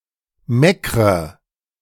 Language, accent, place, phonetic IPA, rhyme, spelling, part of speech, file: German, Germany, Berlin, [ˈmɛkʁə], -ɛkʁə, meckre, verb, De-meckre.ogg
- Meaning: inflection of meckern: 1. first-person singular present 2. first/third-person singular subjunctive I 3. singular imperative